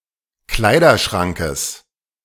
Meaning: genitive singular of Kleiderschrank
- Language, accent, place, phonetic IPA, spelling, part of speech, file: German, Germany, Berlin, [ˈklaɪ̯dɐˌʃʁaŋkəs], Kleiderschrankes, noun, De-Kleiderschrankes.ogg